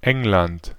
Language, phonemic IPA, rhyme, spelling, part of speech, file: German, /ˈɛŋlant/, -ant, England, proper noun, De-England.ogg
- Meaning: 1. England (a constituent country of the United Kingdom) 2. Great Britain (a large island of the United Kingdom in Northern Europe) 3. United Kingdom (a kingdom and country in Northern Europe)